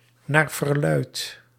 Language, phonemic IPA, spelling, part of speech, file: Dutch, /ˌnarvərˈlœyt/, naar verluidt, adverb, Nl-naar verluidt.ogg
- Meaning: allegedly, supposedly (according to general belief, true or otherwise)